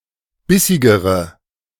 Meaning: inflection of bissig: 1. strong/mixed nominative/accusative feminine singular comparative degree 2. strong nominative/accusative plural comparative degree
- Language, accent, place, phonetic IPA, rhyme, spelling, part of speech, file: German, Germany, Berlin, [ˈbɪsɪɡəʁə], -ɪsɪɡəʁə, bissigere, adjective, De-bissigere.ogg